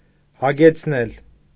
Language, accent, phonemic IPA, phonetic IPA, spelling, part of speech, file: Armenian, Eastern Armenian, /hɑɡet͡sʰˈnel/, [hɑɡet͡sʰnél], հագեցնել, verb, Hy-հագեցնել.ogg
- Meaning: 1. causative of հագենալ (hagenal) 2. to satiate, to satisfy; to quench, to slake 3. to saturate, to imbue 4. to soak, to steep 5. to envelop, to enwrap, to surround